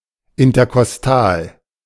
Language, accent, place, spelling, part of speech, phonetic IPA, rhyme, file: German, Germany, Berlin, interkostal, adjective, [ɪntɐkɔsˈtaːl], -aːl, De-interkostal.ogg
- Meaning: intercostal